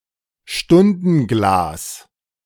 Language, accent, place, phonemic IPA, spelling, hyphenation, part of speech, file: German, Germany, Berlin, /ˈʃtʊndn̩ˌɡlaːs/, Stundenglas, Stun‧den‧glas, noun, De-Stundenglas.ogg
- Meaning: hourglass